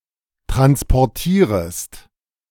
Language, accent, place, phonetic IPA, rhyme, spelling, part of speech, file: German, Germany, Berlin, [ˌtʁanspɔʁˈtiːʁəst], -iːʁəst, transportierest, verb, De-transportierest.ogg
- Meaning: second-person singular subjunctive I of transportieren